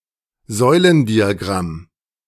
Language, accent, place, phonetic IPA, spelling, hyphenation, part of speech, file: German, Germany, Berlin, [ˈzɔɪ̯ləndiaˌɡʁam], Säulendiagramm, Säu‧len‧dia‧gramm, noun, De-Säulendiagramm.ogg
- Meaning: bar chart, bar graph